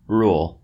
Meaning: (noun) 1. A regulation, law, guideline 2. A regulating principle 3. The act of ruling; administration of law; government; empire; authority; control 4. A normal condition or state of affairs
- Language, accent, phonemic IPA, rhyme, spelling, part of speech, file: English, US, /ɹul/, -uːl, rule, noun / verb, En-us-rule.oga